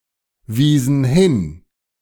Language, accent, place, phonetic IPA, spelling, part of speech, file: German, Germany, Berlin, [ˌviːzn̩ ˈhɪn], wiesen hin, verb, De-wiesen hin.ogg
- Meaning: inflection of hinweisen: 1. first/third-person plural preterite 2. first/third-person plural subjunctive II